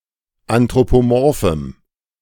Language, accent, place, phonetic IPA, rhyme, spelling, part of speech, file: German, Germany, Berlin, [antʁopoˈmɔʁfm̩], -ɔʁfm̩, anthropomorphem, adjective, De-anthropomorphem.ogg
- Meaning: strong dative masculine/neuter singular of anthropomorph